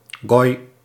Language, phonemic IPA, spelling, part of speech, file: Dutch, /ɣɔj/, goj, noun, Nl-goj.ogg
- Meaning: a goy, gentile in the Jewish sense of ethnic non-Jew